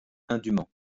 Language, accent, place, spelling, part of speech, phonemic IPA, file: French, France, Lyon, indument, adverb, /ɛ̃.dy.mɑ̃/, LL-Q150 (fra)-indument.wav
- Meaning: post-1990 spelling of indûment